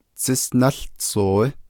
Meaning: yellowjacket
- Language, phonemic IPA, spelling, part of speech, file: Navajo, /t͡sʰɪ́sʔnɑ́ɬt͡sʰòːɪ́/, tsísʼnáłtsooí, noun, Nv-tsísʼnáłtsooí.ogg